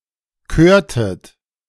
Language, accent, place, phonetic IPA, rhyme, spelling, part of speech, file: German, Germany, Berlin, [ˈkøːɐ̯tət], -øːɐ̯tət, körtet, verb, De-körtet.ogg
- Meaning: inflection of kören: 1. second-person plural preterite 2. second-person plural subjunctive II